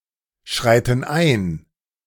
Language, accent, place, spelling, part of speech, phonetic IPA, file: German, Germany, Berlin, schreiten ein, verb, [ˌʃʁaɪ̯tn̩ ˈaɪ̯n], De-schreiten ein.ogg
- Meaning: inflection of einschreiten: 1. first/third-person plural present 2. first/third-person plural subjunctive I